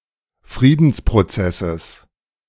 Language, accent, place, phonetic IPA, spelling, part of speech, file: German, Germany, Berlin, [ˈfʁiːdn̩spʁoˌt͡sɛsəs], Friedensprozesses, noun, De-Friedensprozesses.ogg
- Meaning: genitive singular of Friedensprozess